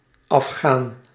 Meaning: Afghan (person from Afghanistan, person of Afghan ethnicity)
- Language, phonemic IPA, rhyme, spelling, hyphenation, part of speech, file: Dutch, /ɑfˈxaːn/, -aːn, Afghaan, Af‧ghaan, noun, Nl-Afghaan.ogg